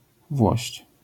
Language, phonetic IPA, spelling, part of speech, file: Polish, [vwɔɕt͡ɕ], włość, noun, LL-Q809 (pol)-włość.wav